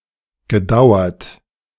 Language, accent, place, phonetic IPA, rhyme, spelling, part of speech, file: German, Germany, Berlin, [ɡəˈdaʊ̯ɐt], -aʊ̯ɐt, gedauert, verb, De-gedauert.ogg
- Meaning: past participle of dauern